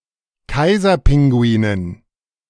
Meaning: dative plural of Kaiserpinguin
- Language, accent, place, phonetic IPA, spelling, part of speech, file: German, Germany, Berlin, [ˈkaɪ̯zɐˌpɪŋɡuiːnən], Kaiserpinguinen, noun, De-Kaiserpinguinen.ogg